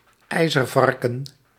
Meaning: 1. porcupine 2. hedgehog
- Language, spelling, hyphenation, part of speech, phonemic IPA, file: Dutch, ijzervarken, ij‧zer‧var‧ken, noun, /ˈɛi̯.zərˌvɑr.kə(n)/, Nl-ijzervarken.ogg